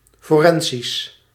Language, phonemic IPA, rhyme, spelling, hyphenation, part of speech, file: Dutch, /ˌfoːˈrɛn.zis/, -ɛnzis, forensisch, fo‧ren‧sisch, adjective, Nl-forensisch.ogg
- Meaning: 1. legal, pertaining to courts or trials 2. forensic, relating to the use of science and technology in the investigation and establishment of facts or evidence in a court of law